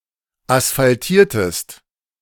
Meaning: inflection of asphaltieren: 1. second-person singular preterite 2. second-person singular subjunctive II
- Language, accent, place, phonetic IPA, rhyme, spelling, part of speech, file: German, Germany, Berlin, [asfalˈtiːɐ̯təst], -iːɐ̯təst, asphaltiertest, verb, De-asphaltiertest.ogg